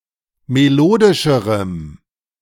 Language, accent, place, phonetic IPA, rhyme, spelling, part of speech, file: German, Germany, Berlin, [meˈloːdɪʃəʁəm], -oːdɪʃəʁəm, melodischerem, adjective, De-melodischerem.ogg
- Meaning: strong dative masculine/neuter singular comparative degree of melodisch